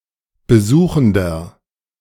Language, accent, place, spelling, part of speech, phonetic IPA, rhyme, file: German, Germany, Berlin, besuchender, adjective, [bəˈzuːxn̩dɐ], -uːxn̩dɐ, De-besuchender.ogg
- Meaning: inflection of besuchend: 1. strong/mixed nominative masculine singular 2. strong genitive/dative feminine singular 3. strong genitive plural